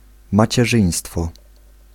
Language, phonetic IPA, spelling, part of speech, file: Polish, [ˌmat͡ɕɛˈʒɨ̃j̃stfɔ], macierzyństwo, noun, Pl-macierzyństwo.ogg